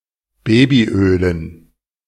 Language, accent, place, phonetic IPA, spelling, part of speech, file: German, Germany, Berlin, [ˈbeːbiˌʔøːlən], Babyölen, noun, De-Babyölen.ogg
- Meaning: dative plural of Babyöl